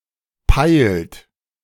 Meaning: inflection of peilen: 1. third-person singular present 2. second-person plural present 3. plural imperative
- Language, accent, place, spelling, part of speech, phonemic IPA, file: German, Germany, Berlin, peilt, verb, /paɪlt/, De-peilt.ogg